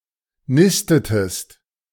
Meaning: inflection of nisten: 1. second-person singular preterite 2. second-person singular subjunctive II
- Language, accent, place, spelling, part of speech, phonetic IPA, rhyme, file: German, Germany, Berlin, nistetest, verb, [ˈnɪstətəst], -ɪstətəst, De-nistetest.ogg